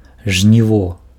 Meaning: harvest
- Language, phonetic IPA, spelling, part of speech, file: Belarusian, [ʐnʲiˈvo], жніво, noun, Be-жніво.ogg